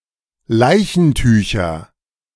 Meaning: nominative/accusative/genitive plural of Leichentuch
- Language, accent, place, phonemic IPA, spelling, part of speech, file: German, Germany, Berlin, /ˈlaɪ̯çn̩ˌtyːçɐ/, Leichentücher, noun, De-Leichentücher.ogg